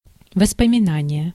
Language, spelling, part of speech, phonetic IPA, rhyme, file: Russian, воспоминание, noun, [vəspəmʲɪˈnanʲɪje], -anʲɪje, Ru-воспоминание.ogg
- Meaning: 1. memory, remembrance, recollection, flashback 2. memoirs, reminiscences, memorials